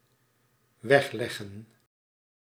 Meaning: to put away, to lay aside
- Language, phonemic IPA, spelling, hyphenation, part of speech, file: Dutch, /ˈʋɛxˌlɛɣə(n)/, wegleggen, weg‧leg‧gen, verb, Nl-wegleggen.ogg